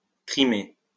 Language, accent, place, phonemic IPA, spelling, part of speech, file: French, France, Lyon, /tʁi.me/, trimer, verb, LL-Q150 (fra)-trimer.wav
- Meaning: 1. to slave away (to work very hard) 2. to walk for a long time; to tramp